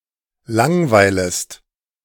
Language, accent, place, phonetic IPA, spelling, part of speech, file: German, Germany, Berlin, [ˈlaŋˌvaɪ̯ləst], langweilest, verb, De-langweilest.ogg
- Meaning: second-person singular subjunctive I of langweilen